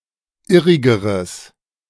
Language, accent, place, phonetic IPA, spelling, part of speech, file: German, Germany, Berlin, [ˈɪʁɪɡəʁəs], irrigeres, adjective, De-irrigeres.ogg
- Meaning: strong/mixed nominative/accusative neuter singular comparative degree of irrig